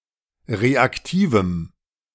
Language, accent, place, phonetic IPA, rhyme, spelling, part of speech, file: German, Germany, Berlin, [ˌʁeakˈtiːvm̩], -iːvm̩, reaktivem, adjective, De-reaktivem.ogg
- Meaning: strong dative masculine/neuter singular of reaktiv